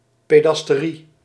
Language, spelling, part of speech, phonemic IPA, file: Dutch, pederastie, noun, /pedərɑsˈti/, Nl-pederastie.ogg